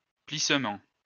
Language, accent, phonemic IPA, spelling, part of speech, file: French, France, /plis.mɑ̃/, plissement, noun, LL-Q150 (fra)-plissement.wav
- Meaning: 1. folding 2. fold